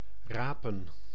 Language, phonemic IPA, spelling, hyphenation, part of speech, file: Dutch, /ˈraː.pə(n)/, rapen, ra‧pen, verb / noun, Nl-rapen.ogg
- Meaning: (verb) to gather, to pick up; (noun) plural of raap